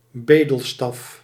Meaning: 1. a beggar's cane 2. destitution, deep poverty
- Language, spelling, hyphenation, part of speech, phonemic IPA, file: Dutch, bedelstaf, be‧del‧staf, noun, /ˈbeː.dəlˌstɑf/, Nl-bedelstaf.ogg